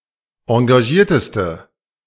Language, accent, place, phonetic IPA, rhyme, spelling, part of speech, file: German, Germany, Berlin, [ɑ̃ɡaˈʒiːɐ̯təstə], -iːɐ̯təstə, engagierteste, adjective, De-engagierteste.ogg
- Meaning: inflection of engagiert: 1. strong/mixed nominative/accusative feminine singular superlative degree 2. strong nominative/accusative plural superlative degree